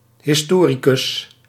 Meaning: historian
- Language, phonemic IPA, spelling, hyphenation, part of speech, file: Dutch, /hɪsˈtorikʏs/, historicus, his‧to‧ri‧cus, noun, Nl-historicus.ogg